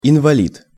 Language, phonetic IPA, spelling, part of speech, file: Russian, [ɪnvɐˈlʲit], инвалид, noun, Ru-инвалид.ogg
- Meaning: 1. a disabled person, an invalid 2. an invalid (a retired soldier unfit for active duty because of age or injury)